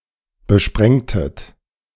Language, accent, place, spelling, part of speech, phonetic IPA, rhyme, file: German, Germany, Berlin, besprengtet, verb, [bəˈʃpʁɛŋtət], -ɛŋtət, De-besprengtet.ogg
- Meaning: inflection of besprengen: 1. second-person plural preterite 2. second-person plural subjunctive II